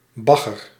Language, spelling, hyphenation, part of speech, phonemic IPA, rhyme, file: Dutch, bagger, bag‧ger, noun / adjective / verb, /ˈbɑ.ɣər/, -ɑɣər, Nl-bagger.ogg
- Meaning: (noun) 1. mud, dredge, dirt 2. filth, muck, any mucky or dirty substance (such as dredge) 3. junk, crap, stuff (substandard objects); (adjective) crap, terrible, bleh